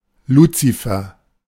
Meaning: 1. Lucifer (figure mentioned in Isaiah 14:12, generally identified with Satan) 2. Lucifer (the planet Venus as the daystar)
- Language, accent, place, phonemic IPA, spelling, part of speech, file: German, Germany, Berlin, /ˈluːt͡sifɛʁ/, Luzifer, proper noun, De-Luzifer.ogg